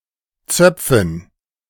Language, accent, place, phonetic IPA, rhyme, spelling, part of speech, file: German, Germany, Berlin, [ˈt͡sœp͡fn̩], -œp͡fn̩, Zöpfen, noun, De-Zöpfen.ogg
- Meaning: dative plural of Zopf